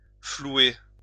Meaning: to swindle, con
- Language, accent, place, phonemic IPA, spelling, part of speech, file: French, France, Lyon, /flu.e/, flouer, verb, LL-Q150 (fra)-flouer.wav